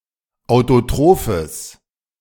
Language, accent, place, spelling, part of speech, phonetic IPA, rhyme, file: German, Germany, Berlin, autotrophes, adjective, [aʊ̯toˈtʁoːfəs], -oːfəs, De-autotrophes.ogg
- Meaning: strong/mixed nominative/accusative neuter singular of autotroph